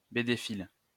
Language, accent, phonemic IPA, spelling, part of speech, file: French, France, /be.de.fil/, bédéphile, noun, LL-Q150 (fra)-bédéphile.wav
- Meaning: a fan of comic books &c